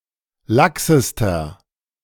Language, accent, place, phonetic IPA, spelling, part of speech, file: German, Germany, Berlin, [ˈlaksəstɐ], laxester, adjective, De-laxester.ogg
- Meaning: inflection of lax: 1. strong/mixed nominative masculine singular superlative degree 2. strong genitive/dative feminine singular superlative degree 3. strong genitive plural superlative degree